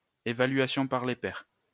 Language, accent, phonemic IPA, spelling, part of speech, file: French, France, /e.va.lɥa.sjɔ̃ paʁ le pɛʁ/, évaluation par les pairs, noun, LL-Q150 (fra)-évaluation par les pairs.wav
- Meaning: peer review